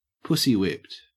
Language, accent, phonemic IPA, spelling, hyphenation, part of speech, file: English, Australia, /ˈpʊsiˌ(h)wɪpt/, pussywhipped, pussy‧whipped, adjective / verb, En-au-pussywhipped.ogg
- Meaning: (adjective) Submissive to or dominated by one's wife or other female partner, frequently with the connotation that this submissive behavior is for the prospect of sex